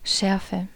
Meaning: 1. sharpness 2. spiciness, hotness 3. pungency
- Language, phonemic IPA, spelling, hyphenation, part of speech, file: German, /ˈʃɛʁfə/, Schärfe, Schär‧fe, noun, De-Schärfe.ogg